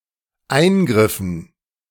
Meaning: dative plural of Eingriff
- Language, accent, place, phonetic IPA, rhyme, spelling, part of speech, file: German, Germany, Berlin, [ˈaɪ̯nɡʁɪfn̩], -aɪ̯nɡʁɪfn̩, Eingriffen, noun, De-Eingriffen.ogg